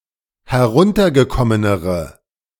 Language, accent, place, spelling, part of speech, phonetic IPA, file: German, Germany, Berlin, heruntergekommenere, adjective, [hɛˈʁʊntɐɡəˌkɔmənəʁə], De-heruntergekommenere.ogg
- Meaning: inflection of heruntergekommen: 1. strong/mixed nominative/accusative feminine singular comparative degree 2. strong nominative/accusative plural comparative degree